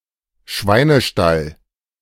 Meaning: pigsty, piggery
- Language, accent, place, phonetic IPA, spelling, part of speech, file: German, Germany, Berlin, [ˈʃvaɪ̯nəˌʃtal], Schweinestall, noun, De-Schweinestall.ogg